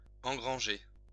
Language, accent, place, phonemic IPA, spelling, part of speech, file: French, France, Lyon, /ɑ̃.ɡʁɑ̃.ʒe/, engranger, verb, LL-Q150 (fra)-engranger.wav
- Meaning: 1. to store 2. to rake in 3. to collect, gather in 4. to gain (experience, points) 5. to generate (economics; profits)